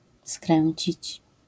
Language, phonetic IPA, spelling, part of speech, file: Polish, [ˈskrɛ̃ɲt͡ɕit͡ɕ], skręcić, verb, LL-Q809 (pol)-skręcić.wav